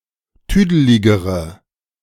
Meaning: inflection of tüdelig: 1. strong/mixed nominative/accusative feminine singular comparative degree 2. strong nominative/accusative plural comparative degree
- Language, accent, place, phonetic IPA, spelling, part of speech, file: German, Germany, Berlin, [ˈtyːdəlɪɡəʁə], tüdeligere, adjective, De-tüdeligere.ogg